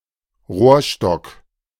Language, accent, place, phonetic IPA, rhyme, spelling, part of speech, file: German, Germany, Berlin, [ˈʁoːɐ̯ˌʃtɔk], -oːɐ̯ʃtɔk, Rohrstock, noun, De-Rohrstock.ogg
- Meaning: cane, a hollow wooden plant stem as from a reed